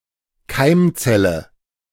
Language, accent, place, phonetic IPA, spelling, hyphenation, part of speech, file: German, Germany, Berlin, [ˈkaɪ̯mˌt͡sɛlə], Keimzelle, Keim‧zel‧le, noun, De-Keimzelle.ogg
- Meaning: 1. gamete 2. nucleus, origin, basis